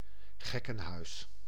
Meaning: 1. a madhouse, asylum for the insane 2. a madhouse, crazy place and/or situation
- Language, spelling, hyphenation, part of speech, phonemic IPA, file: Dutch, gekkenhuis, gek‧ken‧huis, noun, /ˈɣɛ.kə(n)ˌɦœy̯s/, Nl-gekkenhuis.ogg